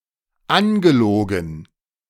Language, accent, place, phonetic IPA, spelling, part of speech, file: German, Germany, Berlin, [ˈanɡəˌloːɡn̩], angelogen, verb, De-angelogen.ogg
- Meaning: past participle of anlügen